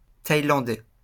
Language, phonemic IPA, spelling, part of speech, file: French, /taj.lɑ̃.dɛ/, thaïlandais, adjective, LL-Q150 (fra)-thaïlandais.wav
- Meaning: Thai